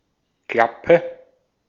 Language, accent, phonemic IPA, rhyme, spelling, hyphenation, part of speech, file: German, Austria, /ˈklapə/, -apə, Klappe, Klap‧pe, noun / interjection, De-at-Klappe.ogg